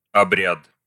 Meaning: ceremony, rite
- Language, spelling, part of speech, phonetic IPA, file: Russian, обряд, noun, [ɐˈbrʲat], Ru-обряд.ogg